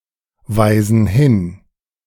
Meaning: inflection of hinweisen: 1. first/third-person plural present 2. first/third-person plural subjunctive I
- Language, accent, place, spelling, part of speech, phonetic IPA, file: German, Germany, Berlin, weisen hin, verb, [ˌvaɪ̯zn̩ ˈhɪn], De-weisen hin.ogg